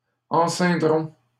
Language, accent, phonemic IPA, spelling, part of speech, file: French, Canada, /ɑ̃.sɛ̃.dʁɔ̃/, enceindrons, verb, LL-Q150 (fra)-enceindrons.wav
- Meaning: first-person plural simple future of enceindre